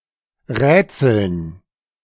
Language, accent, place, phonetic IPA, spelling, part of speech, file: German, Germany, Berlin, [ˈʁɛːt͡sl̩n], Rätseln, noun, De-Rätseln.ogg
- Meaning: dative plural of Rätsel